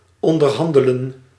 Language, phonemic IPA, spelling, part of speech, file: Dutch, /ˌɔn.dərˈɦɑn.də.lə(n)/, onderhandelen, verb, Nl-onderhandelen.ogg
- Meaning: to negotiate